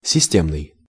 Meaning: system
- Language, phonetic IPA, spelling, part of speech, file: Russian, [sʲɪˈsʲtʲemnɨj], системный, adjective, Ru-системный.ogg